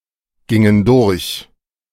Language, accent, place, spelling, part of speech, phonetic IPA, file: German, Germany, Berlin, gingen durch, verb, [ˌɡɪŋən ˈdʊʁç], De-gingen durch.ogg
- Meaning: inflection of durchgehen: 1. first/third-person plural preterite 2. first/third-person plural subjunctive II